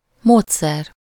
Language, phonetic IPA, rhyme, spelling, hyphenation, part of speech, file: Hungarian, [ˈmoːtsɛr], -ɛr, módszer, mód‧szer, noun, Hu-módszer.ogg
- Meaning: method (process by which a task is completed)